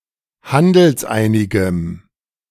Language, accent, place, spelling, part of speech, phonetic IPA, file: German, Germany, Berlin, handelseinigem, adjective, [ˈhandl̩sˌʔaɪ̯nɪɡəm], De-handelseinigem.ogg
- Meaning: strong dative masculine/neuter singular of handelseinig